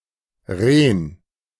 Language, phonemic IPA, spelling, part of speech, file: German, /ʁeːn/, Ren, noun, De-Ren.ogg
- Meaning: 1. reindeer 2. kidney